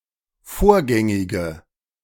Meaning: inflection of vorgängig: 1. strong/mixed nominative/accusative feminine singular 2. strong nominative/accusative plural 3. weak nominative all-gender singular
- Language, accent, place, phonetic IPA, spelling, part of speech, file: German, Germany, Berlin, [ˈfoːɐ̯ˌɡɛŋɪɡə], vorgängige, adjective, De-vorgängige.ogg